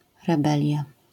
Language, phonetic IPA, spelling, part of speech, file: Polish, [rɛˈbɛlʲja], rebelia, noun, LL-Q809 (pol)-rebelia.wav